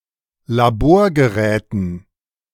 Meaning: dative plural of Laborgerät
- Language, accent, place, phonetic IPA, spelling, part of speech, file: German, Germany, Berlin, [laˈboːɐ̯ɡəˌʁɛːtn̩], Laborgeräten, noun, De-Laborgeräten.ogg